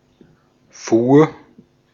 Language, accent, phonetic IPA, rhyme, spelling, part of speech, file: German, Austria, [fuːɐ̯], -uːɐ̯, fuhr, verb, De-at-fuhr.ogg
- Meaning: first/third-person singular preterite of fahren